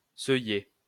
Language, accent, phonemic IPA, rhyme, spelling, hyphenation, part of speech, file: French, France, /sœ.je/, -e, seuiller, seuil‧ler, verb, LL-Q150 (fra)-seuiller.wav
- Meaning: to threshold (determine where to locate the boundary values intended to separate classes)